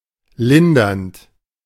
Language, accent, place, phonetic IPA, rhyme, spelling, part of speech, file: German, Germany, Berlin, [ˈlɪndɐnt], -ɪndɐnt, lindernd, verb, De-lindernd.ogg
- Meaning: present participle of lindern